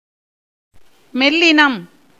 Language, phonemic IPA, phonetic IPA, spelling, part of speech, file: Tamil, /mɛllɪnɐm/, [me̞llɪnɐm], மெல்லினம், noun, Ta-மெல்லினம்.ogg
- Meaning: the group of soft or nasal consonants (ங, ஞ, ண, ந, ம, ன)